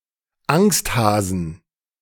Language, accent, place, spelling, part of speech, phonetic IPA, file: German, Germany, Berlin, Angsthasen, noun, [ˈaŋstˌhaːzn̩], De-Angsthasen.ogg
- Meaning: 1. genitive singular of Angsthase 2. plural of Angsthase